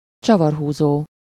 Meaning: screwdriver
- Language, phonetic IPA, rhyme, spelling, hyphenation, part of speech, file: Hungarian, [ˈt͡ʃɒvɒrɦuːzoː], -zoː, csavarhúzó, csa‧var‧hú‧zó, noun, Hu-csavarhúzó.ogg